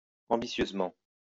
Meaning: ambitiously
- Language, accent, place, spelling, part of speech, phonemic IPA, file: French, France, Lyon, ambitieusement, adverb, /ɑ̃.bi.sjøz.mɑ̃/, LL-Q150 (fra)-ambitieusement.wav